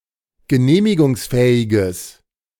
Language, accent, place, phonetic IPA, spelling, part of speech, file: German, Germany, Berlin, [ɡəˈneːmɪɡʊŋsˌfɛːɪɡəs], genehmigungsfähiges, adjective, De-genehmigungsfähiges.ogg
- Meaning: strong/mixed nominative/accusative neuter singular of genehmigungsfähig